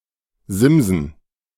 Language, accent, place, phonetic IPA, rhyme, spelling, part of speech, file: German, Germany, Berlin, [ˈzɪmzn̩], -ɪmzn̩, Simsen, noun, De-Simsen.ogg
- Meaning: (noun) plural of Simse; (proper noun) the genus Scirpus